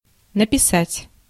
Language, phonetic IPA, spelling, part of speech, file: Russian, [nəpʲɪˈsatʲ], написать, verb, Ru-написать.ogg
- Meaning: to write